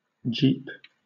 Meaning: A vehicle (of a particular brand) suitable for rough terrain
- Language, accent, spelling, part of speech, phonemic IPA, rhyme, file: English, Southern England, Jeep, noun, /d͡ʒiːp/, -iːp, LL-Q1860 (eng)-Jeep.wav